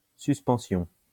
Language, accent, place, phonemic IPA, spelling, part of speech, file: French, France, Lyon, /sys.pɑ̃.sjɔ̃/, suspension, noun, LL-Q150 (fra)-suspension.wav
- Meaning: 1. suspension 2. adjournment, recess